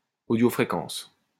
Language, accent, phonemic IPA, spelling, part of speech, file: French, France, /o.djo.fʁe.kɑ̃s/, audiofréquence, noun, LL-Q150 (fra)-audiofréquence.wav
- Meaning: audio frequency